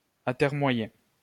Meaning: to procrastinate, delay
- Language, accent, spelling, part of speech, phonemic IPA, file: French, France, atermoyer, verb, /a.tɛʁ.mwa.je/, LL-Q150 (fra)-atermoyer.wav